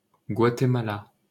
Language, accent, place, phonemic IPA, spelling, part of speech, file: French, France, Paris, /ɡwa.te.ma.la/, Guatemala, proper noun, LL-Q150 (fra)-Guatemala.wav
- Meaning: Guatemala (a country in northern Central America)